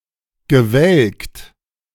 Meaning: past participle of welken
- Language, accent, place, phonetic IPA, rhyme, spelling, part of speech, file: German, Germany, Berlin, [ɡəˈvɛlkt], -ɛlkt, gewelkt, verb, De-gewelkt.ogg